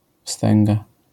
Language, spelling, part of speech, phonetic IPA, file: Polish, wstęga, noun, [ˈfstɛ̃ŋɡa], LL-Q809 (pol)-wstęga.wav